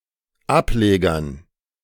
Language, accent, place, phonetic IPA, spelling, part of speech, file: German, Germany, Berlin, [ˈapˌleːɡɐn], Ablegern, noun, De-Ablegern.ogg
- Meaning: dative plural of Ableger